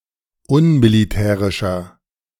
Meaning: 1. comparative degree of unmilitärisch 2. inflection of unmilitärisch: strong/mixed nominative masculine singular 3. inflection of unmilitärisch: strong genitive/dative feminine singular
- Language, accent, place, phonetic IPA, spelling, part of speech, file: German, Germany, Berlin, [ˈʊnmiliˌtɛːʁɪʃɐ], unmilitärischer, adjective, De-unmilitärischer.ogg